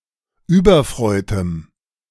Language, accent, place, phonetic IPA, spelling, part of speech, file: German, Germany, Berlin, [ˈyːbɐˌfr̺ɔɪ̯təm], überfreutem, adjective, De-überfreutem.ogg
- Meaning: strong dative masculine/neuter singular of überfreut